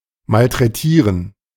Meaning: 1. to mistreat something (use or treat with little care) 2. to abuse; to maltreat someone
- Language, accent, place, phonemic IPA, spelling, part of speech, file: German, Germany, Berlin, /ˌmaltʁɛˈtiːʁən/, malträtieren, verb, De-malträtieren.ogg